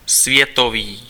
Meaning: world
- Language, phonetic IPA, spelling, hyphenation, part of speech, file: Czech, [ˈsvjɛtoviː], světový, svě‧to‧vý, adjective, Cs-světový.ogg